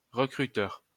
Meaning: recruiter, talent scout
- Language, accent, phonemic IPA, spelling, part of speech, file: French, France, /ʁə.kʁy.tœʁ/, recruteur, noun, LL-Q150 (fra)-recruteur.wav